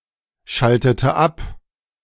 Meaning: inflection of abschalten: 1. first/third-person singular preterite 2. first/third-person singular subjunctive II
- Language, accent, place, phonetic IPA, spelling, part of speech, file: German, Germany, Berlin, [ˌʃaltətə ˈap], schaltete ab, verb, De-schaltete ab.ogg